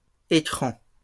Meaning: plural of écran
- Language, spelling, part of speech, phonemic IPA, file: French, écrans, noun, /e.kʁɑ̃/, LL-Q150 (fra)-écrans.wav